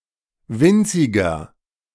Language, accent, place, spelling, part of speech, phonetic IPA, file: German, Germany, Berlin, winziger, adjective, [ˈvɪnt͡sɪɡɐ], De-winziger.ogg
- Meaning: 1. comparative degree of winzig 2. inflection of winzig: strong/mixed nominative masculine singular 3. inflection of winzig: strong genitive/dative feminine singular